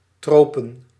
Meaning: tropics
- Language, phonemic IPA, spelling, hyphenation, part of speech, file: Dutch, /ˈtroː.pə(n)/, tropen, tro‧pen, noun, Nl-tropen.ogg